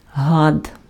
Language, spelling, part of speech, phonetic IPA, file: Ukrainian, гад, noun, [ɦad], Uk-гад.ogg
- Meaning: 1. reptile 2. creep, repulsive person, vile creature, scoundrel, cad, asshole, bastard